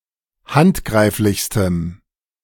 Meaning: strong dative masculine/neuter singular superlative degree of handgreiflich
- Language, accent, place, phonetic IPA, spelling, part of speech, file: German, Germany, Berlin, [ˈhantˌɡʁaɪ̯flɪçstəm], handgreiflichstem, adjective, De-handgreiflichstem.ogg